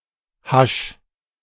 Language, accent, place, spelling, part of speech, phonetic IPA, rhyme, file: German, Germany, Berlin, hasch, verb, [haʃ], -aʃ, De-hasch.ogg
- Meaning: 1. singular imperative of haschen 2. first-person singular present of haschen